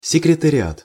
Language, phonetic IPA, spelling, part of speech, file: Russian, [sʲɪkrʲɪtərʲɪˈat], секретариат, noun, Ru-секретариат.ogg
- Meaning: secretariat (the office or department of a government secretary)